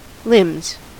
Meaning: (noun) plural of limb; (verb) third-person singular simple present indicative of limb
- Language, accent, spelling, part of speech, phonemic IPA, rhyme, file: English, US, limbs, noun / verb, /lɪmz/, -ɪmz, En-us-limbs.ogg